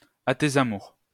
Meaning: bless you (said after the second sneeze)
- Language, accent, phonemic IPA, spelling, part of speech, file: French, France, /a te.z‿a.muʁ/, à tes amours, interjection, LL-Q150 (fra)-à tes amours.wav